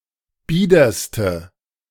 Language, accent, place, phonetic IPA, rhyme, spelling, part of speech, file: German, Germany, Berlin, [ˈbiːdɐstə], -iːdɐstə, biederste, adjective, De-biederste.ogg
- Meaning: inflection of bieder: 1. strong/mixed nominative/accusative feminine singular superlative degree 2. strong nominative/accusative plural superlative degree